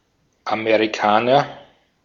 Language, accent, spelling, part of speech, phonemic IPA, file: German, Austria, Amerikaner, noun, /ameʁiˈkaːnɐ/, De-at-Amerikaner.ogg
- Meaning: 1. American (from America, the Americas, the American continent(s)) 2. US-American (from the United States of America)